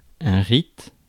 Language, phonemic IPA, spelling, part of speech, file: French, /ʁit/, rite, noun, Fr-rite.ogg
- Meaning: rite